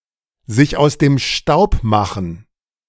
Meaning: to flee, to make off, to run off (to avoid capture, danger, responsibility)
- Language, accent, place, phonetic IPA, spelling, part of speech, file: German, Germany, Berlin, [zɪç aʊ̯s deːm ʃtaʊ̯p ˈmaxŋ̍], sich aus dem Staub machen, verb, De-sich aus dem Staub machen.ogg